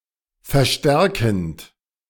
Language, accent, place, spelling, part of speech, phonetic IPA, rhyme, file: German, Germany, Berlin, verstärkend, verb, [fɛɐ̯ˈʃtɛʁkn̩t], -ɛʁkn̩t, De-verstärkend.ogg
- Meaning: present participle of verstärken